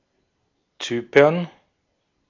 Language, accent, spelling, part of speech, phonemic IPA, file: German, Austria, Zypern, proper noun, /ˈtsyːpɐn/, De-at-Zypern.ogg
- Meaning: Cyprus (an island and country in the Mediterranean Sea, normally considered politically part of Europe but geographically part of West Asia)